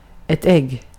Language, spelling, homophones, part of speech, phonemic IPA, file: Swedish, ägg, egg, noun, /ɛɡː/, Sv-ägg.ogg